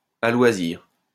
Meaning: at leisure, at will, as much as one wants
- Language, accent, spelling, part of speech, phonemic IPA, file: French, France, à loisir, adverb, /a lwa.ziʁ/, LL-Q150 (fra)-à loisir.wav